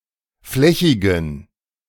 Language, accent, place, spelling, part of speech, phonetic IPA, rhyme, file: German, Germany, Berlin, flächigen, adjective, [ˈflɛçɪɡn̩], -ɛçɪɡn̩, De-flächigen.ogg
- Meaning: inflection of flächig: 1. strong genitive masculine/neuter singular 2. weak/mixed genitive/dative all-gender singular 3. strong/weak/mixed accusative masculine singular 4. strong dative plural